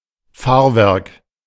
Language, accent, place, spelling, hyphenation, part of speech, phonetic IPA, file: German, Germany, Berlin, Fahrwerk, Fahr‧werk, noun, [ˈfaːɐ̯ˌvɛʁk], De-Fahrwerk.ogg
- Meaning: 1. running gear 2. landing gear